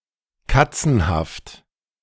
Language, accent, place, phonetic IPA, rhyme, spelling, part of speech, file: German, Germany, Berlin, [ˈkat͡sn̩haft], -at͡sn̩haft, katzenhaft, adjective, De-katzenhaft.ogg
- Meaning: catlike, cattish; slinky, feline